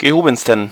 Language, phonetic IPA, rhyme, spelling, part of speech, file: German, [ɡəˈhoːbn̩stən], -oːbn̩stən, gehobensten, adjective, De-gehobensten.ogg
- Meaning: 1. superlative degree of gehoben 2. inflection of gehoben: strong genitive masculine/neuter singular superlative degree